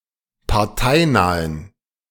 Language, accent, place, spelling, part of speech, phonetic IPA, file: German, Germany, Berlin, parteinahen, adjective, [paʁˈtaɪ̯naːən], De-parteinahen.ogg
- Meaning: inflection of parteinah: 1. strong genitive masculine/neuter singular 2. weak/mixed genitive/dative all-gender singular 3. strong/weak/mixed accusative masculine singular 4. strong dative plural